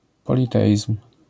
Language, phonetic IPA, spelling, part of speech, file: Polish, [ˌpɔlʲiˈtɛʲism̥], politeizm, noun, LL-Q809 (pol)-politeizm.wav